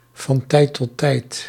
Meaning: from time to time
- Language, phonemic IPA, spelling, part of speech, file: Dutch, /vɑnˈtɛit tɔˈtɛit/, van tijd tot tijd, adverb, Nl-van tijd tot tijd.ogg